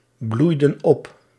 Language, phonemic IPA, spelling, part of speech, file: Dutch, /ˈblujdə(n) ˈɔp/, bloeiden op, verb, Nl-bloeiden op.ogg
- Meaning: inflection of opbloeien: 1. plural past indicative 2. plural past subjunctive